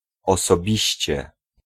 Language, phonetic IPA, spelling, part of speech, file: Polish, [ˌɔsɔˈbʲiɕt͡ɕɛ], osobiście, adverb, Pl-osobiście.ogg